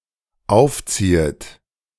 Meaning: second-person plural dependent subjunctive I of aufziehen
- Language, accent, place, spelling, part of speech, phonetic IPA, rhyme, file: German, Germany, Berlin, aufziehet, verb, [ˈaʊ̯fˌt͡siːət], -aʊ̯ft͡siːət, De-aufziehet.ogg